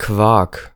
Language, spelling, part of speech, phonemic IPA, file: German, Quark, noun, /kvark/, De-Quark.ogg
- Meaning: 1. quark (kind of cheese or cream) 2. nonsense; rubbish; baloney